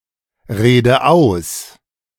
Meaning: inflection of ausreden: 1. first-person singular present 2. first/third-person singular subjunctive I 3. singular imperative
- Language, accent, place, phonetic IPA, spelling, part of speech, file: German, Germany, Berlin, [ˌʁeːdə ˈaʊ̯s], rede aus, verb, De-rede aus.ogg